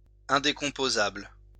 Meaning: indecomposable
- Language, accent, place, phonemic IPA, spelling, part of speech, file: French, France, Lyon, /ɛ̃.de.kɔ̃.po.zabl/, indécomposable, adjective, LL-Q150 (fra)-indécomposable.wav